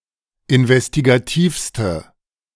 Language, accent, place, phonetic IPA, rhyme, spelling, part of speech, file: German, Germany, Berlin, [ɪnvɛstiɡaˈtiːfstə], -iːfstə, investigativste, adjective, De-investigativste.ogg
- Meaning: inflection of investigativ: 1. strong/mixed nominative/accusative feminine singular superlative degree 2. strong nominative/accusative plural superlative degree